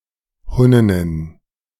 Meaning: plural of Hunnin
- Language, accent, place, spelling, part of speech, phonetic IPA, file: German, Germany, Berlin, Hunninnen, noun, [ˈhʊnɪnən], De-Hunninnen.ogg